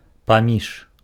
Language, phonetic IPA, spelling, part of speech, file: Belarusian, [paˈmʲiʂ], паміж, preposition, Be-паміж.ogg
- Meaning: among,